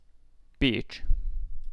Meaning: a city in Hungary, the fifth largest in the country
- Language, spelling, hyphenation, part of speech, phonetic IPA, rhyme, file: Hungarian, Pécs, Pécs, proper noun, [ˈpeːt͡ʃ], -eːt͡ʃ, Hu-Pécs.ogg